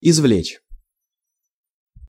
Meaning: to extract, to elicit, to draw out
- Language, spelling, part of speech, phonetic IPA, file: Russian, извлечь, verb, [ɪzˈvlʲet͡ɕ], Ru-извлечь.ogg